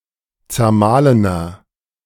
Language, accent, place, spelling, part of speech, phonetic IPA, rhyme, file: German, Germany, Berlin, zermahlener, adjective, [t͡sɛɐ̯ˈmaːlənɐ], -aːlənɐ, De-zermahlener.ogg
- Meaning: inflection of zermahlen: 1. strong/mixed nominative masculine singular 2. strong genitive/dative feminine singular 3. strong genitive plural